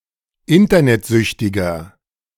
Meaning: inflection of internetsüchtig: 1. strong/mixed nominative masculine singular 2. strong genitive/dative feminine singular 3. strong genitive plural
- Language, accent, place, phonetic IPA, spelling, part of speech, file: German, Germany, Berlin, [ˈɪntɐnɛtˌzʏçtɪɡɐ], internetsüchtiger, adjective, De-internetsüchtiger.ogg